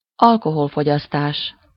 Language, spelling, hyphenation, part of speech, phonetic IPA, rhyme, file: Hungarian, alkoholfogyasztás, al‧ko‧hol‧fo‧gyasz‧tás, noun, [ˈɒlkoholfoɟɒstaːʃ], -aːʃ, Hu-alkoholfogyasztás.ogg
- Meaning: alcohol consumption